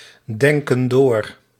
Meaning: inflection of doordenken: 1. plural present indicative 2. plural present subjunctive
- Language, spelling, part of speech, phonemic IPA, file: Dutch, denken door, verb, /ˈdɛŋkə(n) ˈdor/, Nl-denken door.ogg